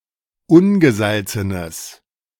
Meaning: strong/mixed nominative/accusative neuter singular of ungesalzen
- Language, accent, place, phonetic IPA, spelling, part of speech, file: German, Germany, Berlin, [ˈʊnɡəˌzalt͡sənəs], ungesalzenes, adjective, De-ungesalzenes.ogg